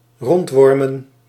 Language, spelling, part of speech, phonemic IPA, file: Dutch, rondwormen, noun, /ˈrɔntwɔrmə(n)/, Nl-rondwormen.ogg
- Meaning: plural of rondworm